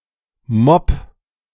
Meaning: mob (unruly group of people)
- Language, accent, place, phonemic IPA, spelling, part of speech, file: German, Germany, Berlin, /mɔp/, Mob, noun, De-Mob.ogg